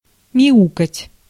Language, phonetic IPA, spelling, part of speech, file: Russian, [mʲɪˈukətʲ], мяукать, verb, Ru-мяукать.ogg
- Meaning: to meow, to mew